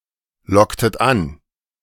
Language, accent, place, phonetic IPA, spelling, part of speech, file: German, Germany, Berlin, [ˌlɔktət ˈan], locktet an, verb, De-locktet an.ogg
- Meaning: inflection of anlocken: 1. second-person plural preterite 2. second-person plural subjunctive II